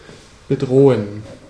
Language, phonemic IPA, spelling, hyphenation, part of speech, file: German, /bəˈdʁoːən/, bedrohen, be‧dro‧hen, verb, De-bedrohen.ogg
- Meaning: to threaten, menace